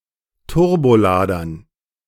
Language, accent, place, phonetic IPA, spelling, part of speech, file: German, Germany, Berlin, [ˈtʊʁboˌlaːdɐn], Turboladern, noun, De-Turboladern.ogg
- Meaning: dative plural of Turbolader